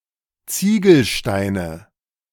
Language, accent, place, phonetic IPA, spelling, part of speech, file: German, Germany, Berlin, [ˈt͡siːɡl̩ˌʃtaɪ̯nə], Ziegelsteine, noun, De-Ziegelsteine.ogg
- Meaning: nominative/accusative/genitive plural of Ziegelstein